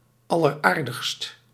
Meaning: most charming
- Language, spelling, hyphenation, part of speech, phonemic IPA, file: Dutch, alleraardigst, al‧ler‧aar‧digst, adjective, /ˌɑ.lərˈaːr.dəxst/, Nl-alleraardigst.ogg